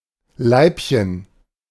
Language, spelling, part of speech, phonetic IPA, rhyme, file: German, Leibchen, noun, [ˈlaɪ̯pçən], -aɪ̯pçən, De-Leibchen.ogg